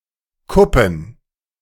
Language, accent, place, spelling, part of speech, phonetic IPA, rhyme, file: German, Germany, Berlin, Kuppen, noun, [ˈkʊpn̩], -ʊpn̩, De-Kuppen.ogg
- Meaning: plural of Kuppe